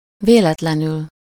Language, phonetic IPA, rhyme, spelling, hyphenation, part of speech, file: Hungarian, [ˈveːlɛtlɛnyl], -yl, véletlenül, vé‧let‧le‧nül, adverb, Hu-véletlenül.ogg
- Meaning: 1. accidentally, by chance, by accident (unexpectedly, without planning to do so) 2. accidentally (unintentionally, inadvertently) 3. happen to, (if ……) should (with small likelihood)